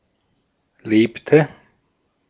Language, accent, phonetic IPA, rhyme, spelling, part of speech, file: German, Austria, [ˈleːptə], -eːptə, lebte, verb, De-at-lebte.ogg
- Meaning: inflection of leben: 1. first/third-person singular preterite 2. first/third-person singular subjunctive II